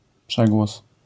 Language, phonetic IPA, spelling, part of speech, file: Polish, [ˈpʃɛɡwɔs], przegłos, noun, LL-Q809 (pol)-przegłos.wav